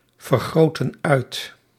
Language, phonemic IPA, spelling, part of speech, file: Dutch, /vərˌɣroːtən ˈœy̯t/, vergrootten uit, verb, Nl-vergrootten uit.ogg
- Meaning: inflection of uitvergroten: 1. plural past indicative 2. plural past subjunctive